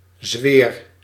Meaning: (noun) a purulent boil, skin injury containing pus, ulcer; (verb) inflection of zweren: 1. first-person singular present indicative 2. second-person singular present indicative 3. imperative
- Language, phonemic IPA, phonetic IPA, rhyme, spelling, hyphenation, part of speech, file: Dutch, /zʋeːr/, [zʋɪːr], -eːr, zweer, zweer, noun / verb, Nl-zweer.ogg